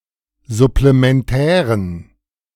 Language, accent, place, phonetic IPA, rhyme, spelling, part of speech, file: German, Germany, Berlin, [zʊplemɛnˈtɛːʁən], -ɛːʁən, supplementären, adjective, De-supplementären.ogg
- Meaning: inflection of supplementär: 1. strong genitive masculine/neuter singular 2. weak/mixed genitive/dative all-gender singular 3. strong/weak/mixed accusative masculine singular 4. strong dative plural